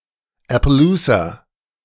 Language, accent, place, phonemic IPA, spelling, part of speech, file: German, Germany, Berlin, /ɛ.pə.ˈluː.sa/, Appaloosa, noun, De-Appaloosa.ogg
- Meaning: appaloosa / Appaloosa (horse breed)